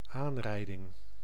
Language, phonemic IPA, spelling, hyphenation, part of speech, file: Dutch, /ˈaːnˌrɛi̯.dɪŋ/, aanrijding, aan‧rij‧ding, noun, Nl-aanrijding.ogg
- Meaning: collision